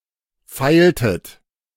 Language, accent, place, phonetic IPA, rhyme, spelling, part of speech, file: German, Germany, Berlin, [ˈfaɪ̯ltət], -aɪ̯ltət, feiltet, verb, De-feiltet.ogg
- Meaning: inflection of feilen: 1. second-person plural preterite 2. second-person plural subjunctive II